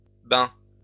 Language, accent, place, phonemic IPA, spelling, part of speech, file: French, France, Lyon, /bɛ̃/, bains, noun, LL-Q150 (fra)-bains.wav
- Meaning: plural of bain